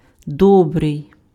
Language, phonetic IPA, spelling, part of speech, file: Ukrainian, [ˈdɔbrei̯], добрий, adjective, Uk-добрий.ogg
- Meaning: 1. good, benign, genial, gentle, kind, kindly 2. good (having positive qualities; useful for a particular purpose) 3. good, tasty (food)